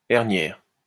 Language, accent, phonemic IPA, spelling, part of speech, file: French, France, /ɛʁ.njɛʁ/, herniaire, adjective, LL-Q150 (fra)-herniaire.wav
- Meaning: hernial